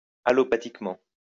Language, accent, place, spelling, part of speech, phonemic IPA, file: French, France, Lyon, allopathiquement, adverb, /a.lɔ.pa.tik.mɑ̃/, LL-Q150 (fra)-allopathiquement.wav
- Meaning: allopathically